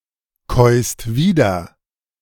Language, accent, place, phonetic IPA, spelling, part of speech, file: German, Germany, Berlin, [ˌkɔɪ̯st ˈviːdɐ], käust wieder, verb, De-käust wieder.ogg
- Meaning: second-person singular present of wiederkäuen